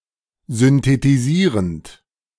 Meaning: present participle of synthetisieren
- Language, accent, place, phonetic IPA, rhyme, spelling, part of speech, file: German, Germany, Berlin, [zʏntetiˈziːʁənt], -iːʁənt, synthetisierend, verb, De-synthetisierend.ogg